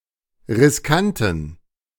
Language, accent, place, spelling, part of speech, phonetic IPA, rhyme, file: German, Germany, Berlin, riskanten, adjective, [ʁɪsˈkantn̩], -antn̩, De-riskanten.ogg
- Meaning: inflection of riskant: 1. strong genitive masculine/neuter singular 2. weak/mixed genitive/dative all-gender singular 3. strong/weak/mixed accusative masculine singular 4. strong dative plural